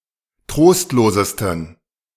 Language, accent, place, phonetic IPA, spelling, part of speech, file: German, Germany, Berlin, [ˈtʁoːstloːzəstn̩], trostlosesten, adjective, De-trostlosesten.ogg
- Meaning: 1. superlative degree of trostlos 2. inflection of trostlos: strong genitive masculine/neuter singular superlative degree